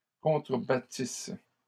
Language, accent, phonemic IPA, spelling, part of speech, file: French, Canada, /kɔ̃.tʁə.ba.tis/, contrebattisse, verb, LL-Q150 (fra)-contrebattisse.wav
- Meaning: first-person singular imperfect subjunctive of contrebattre